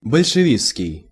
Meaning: Bolshevistic
- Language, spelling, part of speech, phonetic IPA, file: Russian, большевистский, adjective, [bəlʲʂɨˈvʲist͡skʲɪj], Ru-большевистский.ogg